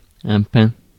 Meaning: pine, pine tree (Pinus)
- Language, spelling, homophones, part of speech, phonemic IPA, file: French, pin, pain / pains / peins / peint / peints / pins, noun, /pɛ̃/, Fr-pin.ogg